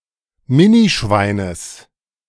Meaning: genitive of Minischwein
- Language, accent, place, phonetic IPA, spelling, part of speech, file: German, Germany, Berlin, [ˈmɪniˌʃvaɪ̯nəs], Minischweines, noun, De-Minischweines.ogg